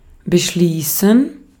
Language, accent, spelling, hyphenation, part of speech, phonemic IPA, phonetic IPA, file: German, Austria, beschließen, be‧schlie‧ßen, verb, /bəˈʃliːsən/, [bɘˈʃliːsn̩], De-at-beschließen.ogg
- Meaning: 1. to conclude, end; to terminate 2. to resolve, decide, determine 3. to confine, enclose; to close up